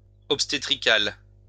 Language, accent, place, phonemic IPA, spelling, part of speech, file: French, France, Lyon, /ɔp.ste.tʁi.kal/, obstétrical, adjective, LL-Q150 (fra)-obstétrical.wav
- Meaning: obstetric, obstetrical